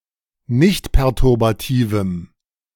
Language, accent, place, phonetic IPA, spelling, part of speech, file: German, Germany, Berlin, [ˈnɪçtpɛʁtʊʁbaˌtiːvəm], nichtperturbativem, adjective, De-nichtperturbativem.ogg
- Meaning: strong dative masculine/neuter singular of nichtperturbativ